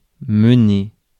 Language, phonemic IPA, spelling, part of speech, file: French, /mə.ne/, mener, verb, Fr-mener.ogg
- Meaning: 1. to lead, to take 2. to lead, to run, to take charge 3. to lead, to be leading, to be in the lead